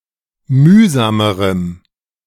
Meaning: strong dative masculine/neuter singular comparative degree of mühsam
- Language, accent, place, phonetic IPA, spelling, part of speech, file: German, Germany, Berlin, [ˈmyːzaːməʁəm], mühsamerem, adjective, De-mühsamerem.ogg